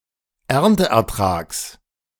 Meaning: genitive singular of Ernteertrag
- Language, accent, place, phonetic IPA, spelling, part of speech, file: German, Germany, Berlin, [ˈɛʁntəʔɛɐ̯ˌtʁaːks], Ernteertrags, noun, De-Ernteertrags.ogg